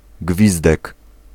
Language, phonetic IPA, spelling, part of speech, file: Polish, [ˈɡvʲizdɛk], gwizdek, noun, Pl-gwizdek.ogg